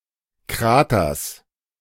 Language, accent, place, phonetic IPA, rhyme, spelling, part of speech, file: German, Germany, Berlin, [ˈkʁaːtɐs], -aːtɐs, Kraters, noun, De-Kraters.ogg
- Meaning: genitive singular of Krater